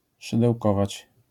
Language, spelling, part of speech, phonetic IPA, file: Polish, szydełkować, verb, [ˌʃɨdɛwˈkɔvat͡ɕ], LL-Q809 (pol)-szydełkować.wav